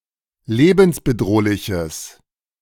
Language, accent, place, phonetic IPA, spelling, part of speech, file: German, Germany, Berlin, [ˈleːbn̩sbəˌdʁoːlɪçəs], lebensbedrohliches, adjective, De-lebensbedrohliches.ogg
- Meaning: strong/mixed nominative/accusative neuter singular of lebensbedrohlich